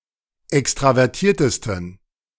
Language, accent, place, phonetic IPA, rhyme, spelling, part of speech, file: German, Germany, Berlin, [ˌɛkstʁavɛʁˈtiːɐ̯təstn̩], -iːɐ̯təstn̩, extravertiertesten, adjective, De-extravertiertesten.ogg
- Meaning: 1. superlative degree of extravertiert 2. inflection of extravertiert: strong genitive masculine/neuter singular superlative degree